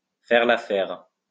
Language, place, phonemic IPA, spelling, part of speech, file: French, Lyon, /fɛʁ l‿a.fɛʁ/, faire l'affaire, verb, LL-Q150 (fra)-faire l'affaire.wav
- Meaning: to do the trick, to do the job, to do, to be enough, sufficient